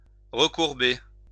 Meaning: to bend (back), curl
- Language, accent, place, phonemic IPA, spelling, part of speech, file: French, France, Lyon, /ʁə.kuʁ.be/, recourber, verb, LL-Q150 (fra)-recourber.wav